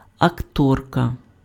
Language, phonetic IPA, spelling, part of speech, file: Ukrainian, [ɐkˈtɔrkɐ], акторка, noun, Uk-акторка.ogg
- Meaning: female equivalent of акто́р (aktór): actor, actress